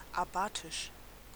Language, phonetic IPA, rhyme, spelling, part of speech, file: German, [aˈbaːtɪʃ], -aːtɪʃ, abatisch, adjective, De-abatisch.ogg
- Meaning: abasic